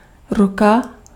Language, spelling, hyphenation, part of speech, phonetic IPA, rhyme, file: Czech, ruka, ru‧ka, noun, [ˈruka], -uka, Cs-ruka.ogg
- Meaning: hand